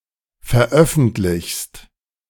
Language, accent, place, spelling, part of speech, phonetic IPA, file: German, Germany, Berlin, veröffentlichst, verb, [fɛɐ̯ˈʔœfn̩tlɪçst], De-veröffentlichst.ogg
- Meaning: second-person singular present of veröffentlichen